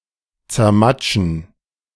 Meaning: to squash, squish
- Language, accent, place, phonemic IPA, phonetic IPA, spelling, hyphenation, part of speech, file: German, Germany, Berlin, /tsɛʁˈmatʃən/, [tsɛɐ̯ˈmatʃn̩], zermatschen, zer‧mat‧schen, verb, De-zermatschen.ogg